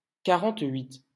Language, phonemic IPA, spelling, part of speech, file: French, /ka.ʁɑ̃.tɥit/, quarante-huit, numeral, LL-Q150 (fra)-quarante-huit.wav
- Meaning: forty-eight